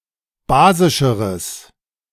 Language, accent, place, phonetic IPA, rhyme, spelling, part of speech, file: German, Germany, Berlin, [ˈbaːzɪʃəʁəs], -aːzɪʃəʁəs, basischeres, adjective, De-basischeres.ogg
- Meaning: strong/mixed nominative/accusative neuter singular comparative degree of basisch